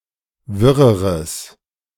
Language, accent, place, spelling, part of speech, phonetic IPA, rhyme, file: German, Germany, Berlin, wirreres, adjective, [ˈvɪʁəʁəs], -ɪʁəʁəs, De-wirreres.ogg
- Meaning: strong/mixed nominative/accusative neuter singular comparative degree of wirr